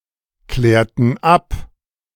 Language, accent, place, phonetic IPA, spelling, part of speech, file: German, Germany, Berlin, [ˌklɛːɐ̯tn̩ ˈap], klärten ab, verb, De-klärten ab.ogg
- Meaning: inflection of abklären: 1. first/third-person plural preterite 2. first/third-person plural subjunctive II